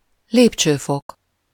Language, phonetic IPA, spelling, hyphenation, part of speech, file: Hungarian, [ˈleːpt͡ʃøːfok], lépcsőfok, lép‧cső‧fok, noun, Hu-lépcsőfok.ogg
- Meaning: step, stair (a single step in a staircase)